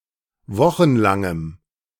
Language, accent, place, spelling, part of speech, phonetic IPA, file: German, Germany, Berlin, wochenlangem, adjective, [ˈvɔxn̩ˌlaŋəm], De-wochenlangem.ogg
- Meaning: strong dative masculine/neuter singular of wochenlang